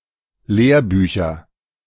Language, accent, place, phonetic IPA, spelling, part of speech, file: German, Germany, Berlin, [ˈleːɐ̯ˌbyːçɐ], Lehrbücher, noun, De-Lehrbücher.ogg
- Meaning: nominative/accusative/genitive plural of Lehrbuch